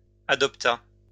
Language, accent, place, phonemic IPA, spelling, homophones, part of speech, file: French, France, Lyon, /a.dɔp.ta/, adopta, adoptas / adoptât, verb, LL-Q150 (fra)-adopta.wav
- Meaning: third-person singular past historic of adopter